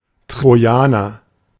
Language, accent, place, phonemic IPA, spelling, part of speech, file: German, Germany, Berlin, /tʁoˈjaːnɐ/, Trojaner, noun, De-Trojaner.ogg
- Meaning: 1. Trojan (person from Troy) 2. Trojan horse, trojan (disguised malicious software) 3. Trojan asteroid (asteroid sharing the orbit of a planet in its Lagrange points)